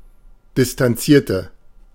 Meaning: inflection of distanzieren: 1. first/third-person singular preterite 2. first/third-person singular subjunctive II
- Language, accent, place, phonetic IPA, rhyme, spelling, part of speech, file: German, Germany, Berlin, [dɪstanˈt͡siːɐ̯tə], -iːɐ̯tə, distanzierte, adjective / verb, De-distanzierte.ogg